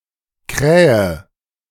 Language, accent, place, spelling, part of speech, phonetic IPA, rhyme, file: German, Germany, Berlin, krähe, verb, [ˈkʁɛːə], -ɛːə, De-krähe.ogg
- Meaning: inflection of krähen: 1. first-person singular present 2. singular imperative 3. first/third-person singular subjunctive I